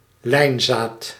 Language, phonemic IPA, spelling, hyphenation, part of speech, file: Dutch, /ˈlɛi̯nzaːt/, lijnzaad, lijn‧zaad, noun, Nl-lijnzaad.ogg
- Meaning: linseed, flaxseed